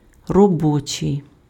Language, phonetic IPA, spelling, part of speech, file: Ukrainian, [rɔˈbɔt͡ʃei̯], робочий, adjective, Uk-робочий.ogg
- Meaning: 1. work, working (attributive) 2. labour (attributive)